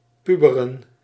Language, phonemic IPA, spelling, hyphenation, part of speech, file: Dutch, /ˈpy.bə.rə(n)/, puberen, pu‧be‧ren, verb, Nl-puberen.ogg
- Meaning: to come into puberty